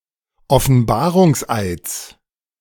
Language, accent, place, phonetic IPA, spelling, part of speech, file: German, Germany, Berlin, [ɔfn̩ˈbaːʁʊŋsˌʔaɪ̯t͡s], Offenbarungseids, noun, De-Offenbarungseids.ogg
- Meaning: genitive singular of Offenbarungseid